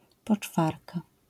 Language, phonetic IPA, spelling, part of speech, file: Polish, [pɔt͡ʃˈfarka], poczwarka, noun, LL-Q809 (pol)-poczwarka.wav